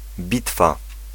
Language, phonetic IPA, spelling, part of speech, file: Polish, [ˈbʲitfa], bitwa, noun, Pl-bitwa.ogg